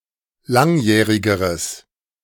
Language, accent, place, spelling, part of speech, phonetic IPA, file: German, Germany, Berlin, langjährigeres, adjective, [ˈlaŋˌjɛːʁɪɡəʁəs], De-langjährigeres.ogg
- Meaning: strong/mixed nominative/accusative neuter singular comparative degree of langjährig